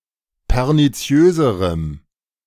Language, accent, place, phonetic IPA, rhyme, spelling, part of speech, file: German, Germany, Berlin, [pɛʁniˈt͡si̯øːzəʁəm], -øːzəʁəm, perniziöserem, adjective, De-perniziöserem.ogg
- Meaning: strong dative masculine/neuter singular comparative degree of perniziös